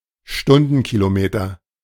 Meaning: kilometers per hour
- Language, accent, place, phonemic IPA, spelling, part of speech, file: German, Germany, Berlin, /ˈʃtʊndənˌkiːloˌmeːtɐ/, Stundenkilometer, noun, De-Stundenkilometer.ogg